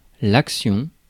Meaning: 1. action, act, deed 2. campaign 3. stock, share 4. a special offer
- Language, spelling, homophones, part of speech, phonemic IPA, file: French, action, axion, noun, /ak.sjɔ̃/, Fr-action.ogg